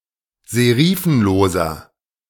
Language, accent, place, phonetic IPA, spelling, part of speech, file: German, Germany, Berlin, [zeˈʁiːfn̩loːzɐ], serifenloser, adjective, De-serifenloser.ogg
- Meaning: inflection of serifenlos: 1. strong/mixed nominative masculine singular 2. strong genitive/dative feminine singular 3. strong genitive plural